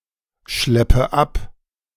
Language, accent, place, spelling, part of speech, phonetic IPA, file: German, Germany, Berlin, schleppe ab, verb, [ˌʃlɛpə ˈap], De-schleppe ab.ogg
- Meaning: inflection of abschleppen: 1. first-person singular present 2. first/third-person singular subjunctive I 3. singular imperative